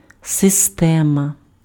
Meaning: system
- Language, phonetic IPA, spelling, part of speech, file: Ukrainian, [seˈstɛmɐ], система, noun, Uk-система.ogg